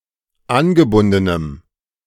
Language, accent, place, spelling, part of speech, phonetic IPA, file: German, Germany, Berlin, angebundenem, adjective, [ˈanɡəˌbʊndənəm], De-angebundenem.ogg
- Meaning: strong dative masculine/neuter singular of angebunden